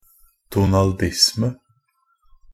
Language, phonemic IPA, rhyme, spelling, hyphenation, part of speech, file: Norwegian Bokmål, /duːnɑlˈdɪsmə/, -ɪsmə, Donaldisme, Do‧nal‧disme, noun, NB - Pronunciation of Norwegian Bokmål «Donaldisme».ogg
- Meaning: Donaldism (Fan culture that is found among fans of Disney comics and animated motion pictures and shorts)